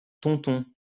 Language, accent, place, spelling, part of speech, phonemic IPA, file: French, France, Lyon, tonton, noun, /tɔ̃.tɔ̃/, LL-Q150 (fra)-tonton.wav
- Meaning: 1. uncle 2. snitch, informer